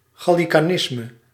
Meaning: Gallicanism
- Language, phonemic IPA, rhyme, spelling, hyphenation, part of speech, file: Dutch, /ˌɣɑ.li.kaːˈnɪs.mə/, -ɪsmə, gallicanisme, gal‧li‧ca‧nis‧me, noun, Nl-gallicanisme.ogg